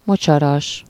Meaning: marshy, swampy, boggy (of or resembling a marsh)
- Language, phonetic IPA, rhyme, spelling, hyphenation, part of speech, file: Hungarian, [ˈmot͡ʃɒrɒʃ], -ɒʃ, mocsaras, mo‧csa‧ras, adjective, Hu-mocsaras.ogg